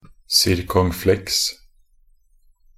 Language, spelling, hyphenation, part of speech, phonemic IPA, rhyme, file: Norwegian Bokmål, circonflexe, cir‧con‧flexe, noun, /sɪrkɔŋˈflɛks/, -ɛks, Nb-circonflexe.ogg
- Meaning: only used in accent circonflexe (“circumflex”)